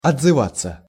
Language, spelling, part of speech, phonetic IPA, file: Russian, отзываться, verb, [ɐd͡zzɨˈvat͡sːə], Ru-отзываться.ogg
- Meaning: 1. to respond (to), to answer; to echo 2. to resound 3. to speak [with о (o, + prepositional) ‘about someone/something’], to give feedback 4. to tell (upon, on) 5. to extend (to)